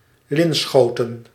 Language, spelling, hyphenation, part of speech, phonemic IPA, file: Dutch, Linschoten, Lin‧scho‧ten, proper noun, /ˈlɪnˌsxoː.tə(n)/, Nl-Linschoten.ogg
- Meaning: a village and former municipality of Montfoort, Utrecht, Netherlands